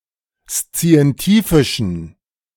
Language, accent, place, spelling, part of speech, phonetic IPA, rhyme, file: German, Germany, Berlin, szientifischen, adjective, [st͡si̯ɛnˈtiːfɪʃn̩], -iːfɪʃn̩, De-szientifischen.ogg
- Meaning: inflection of szientifisch: 1. strong genitive masculine/neuter singular 2. weak/mixed genitive/dative all-gender singular 3. strong/weak/mixed accusative masculine singular 4. strong dative plural